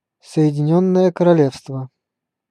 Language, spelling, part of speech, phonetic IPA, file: Russian, Соединённое Королевство, proper noun, [sə(j)ɪdʲɪˈnʲɵnːəjə kərɐˈlʲefstvə], Ru-Соединённое Королевство.ogg
- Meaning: United Kingdom (a kingdom and country in Northern Europe)